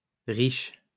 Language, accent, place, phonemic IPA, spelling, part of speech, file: French, France, Lyon, /ʁiʃ/, riches, adjective, LL-Q150 (fra)-riches.wav
- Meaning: plural of riche